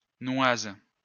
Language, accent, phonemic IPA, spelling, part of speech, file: French, France, /nwaz/, noise, noun, LL-Q150 (fra)-noise.wav
- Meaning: quarrel, argument